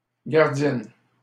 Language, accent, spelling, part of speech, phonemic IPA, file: French, Canada, gardienne, noun, /ɡaʁ.djɛn/, LL-Q150 (fra)-gardienne.wav
- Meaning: female equivalent of gardien